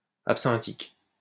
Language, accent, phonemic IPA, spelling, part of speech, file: French, France, /ap.sɛ̃.tik/, absinthique, adjective, LL-Q150 (fra)-absinthique.wav
- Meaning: containing wormwood